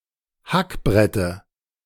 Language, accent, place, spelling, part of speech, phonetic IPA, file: German, Germany, Berlin, Hackbrette, noun, [ˈhakˌbʁɛtə], De-Hackbrette.ogg
- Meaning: dative singular of Hackbrett